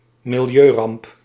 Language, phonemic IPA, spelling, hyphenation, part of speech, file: Dutch, /mɪlˈjøːˌrɑmp/, milieuramp, mi‧li‧eu‧ramp, noun, Nl-milieuramp.ogg
- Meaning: an environmental disaster